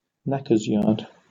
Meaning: The area of a slaughterhouse where carcasses unfit for human consumption or other purposes are rendered down to produce useful materials such as glue
- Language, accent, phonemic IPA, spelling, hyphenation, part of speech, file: English, Received Pronunciation, /ˈnæk.əz ˌjɑːd/, knacker's yard, knack‧er's yard, noun, En-uk-knacker's yard.oga